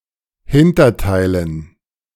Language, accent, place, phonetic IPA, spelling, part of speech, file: German, Germany, Berlin, [ˈhɪntɐˌtaɪ̯lən], Hinterteilen, noun, De-Hinterteilen.ogg
- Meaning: dative plural of Hinterteil